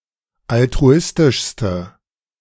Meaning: inflection of altruistisch: 1. strong/mixed nominative/accusative feminine singular superlative degree 2. strong nominative/accusative plural superlative degree
- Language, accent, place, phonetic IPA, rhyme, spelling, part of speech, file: German, Germany, Berlin, [altʁuˈɪstɪʃstə], -ɪstɪʃstə, altruistischste, adjective, De-altruistischste.ogg